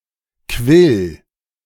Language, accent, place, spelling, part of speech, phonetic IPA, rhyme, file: German, Germany, Berlin, quill, verb, [kvɪl], -ɪl, De-quill.ogg
- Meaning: singular imperative of quellen